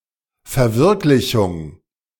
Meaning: fruition, realisation, realization, attainment
- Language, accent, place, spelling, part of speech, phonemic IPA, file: German, Germany, Berlin, Verwirklichung, noun, /fɛɐ̯ˈvɪʁklɪçʊŋ/, De-Verwirklichung.ogg